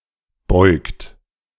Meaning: inflection of beugen: 1. third-person singular present 2. second-person plural present 3. plural imperative
- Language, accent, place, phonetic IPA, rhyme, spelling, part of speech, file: German, Germany, Berlin, [bɔɪ̯kt], -ɔɪ̯kt, beugt, verb, De-beugt.ogg